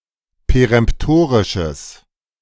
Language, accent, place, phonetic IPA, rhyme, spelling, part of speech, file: German, Germany, Berlin, [peʁɛmpˈtoːʁɪʃəs], -oːʁɪʃəs, peremptorisches, adjective, De-peremptorisches.ogg
- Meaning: strong/mixed nominative/accusative neuter singular of peremptorisch